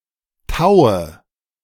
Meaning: dative of Tau
- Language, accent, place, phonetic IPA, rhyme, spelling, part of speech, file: German, Germany, Berlin, [ˈtaʊ̯ə], -aʊ̯ə, Taue, noun, De-Taue.ogg